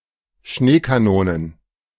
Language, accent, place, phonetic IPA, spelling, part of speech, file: German, Germany, Berlin, [ˈʃneːkaˌnoːnən], Schneekanonen, noun, De-Schneekanonen.ogg
- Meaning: plural of Schneekanone